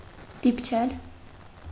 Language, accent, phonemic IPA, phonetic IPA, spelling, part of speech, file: Armenian, Eastern Armenian, /dipˈt͡ʃʰel/, [dipt͡ʃʰél], դիպչել, verb, Hy-դիպչել.ogg
- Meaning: to touch